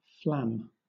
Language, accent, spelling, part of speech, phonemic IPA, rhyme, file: English, Southern England, flam, noun / verb, /flæm/, -æm, LL-Q1860 (eng)-flam.wav
- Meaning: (noun) 1. A freak or whim; an idle fancy 2. A falsehood; a lie; an illusory pretext; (verb) To deceive with a falsehood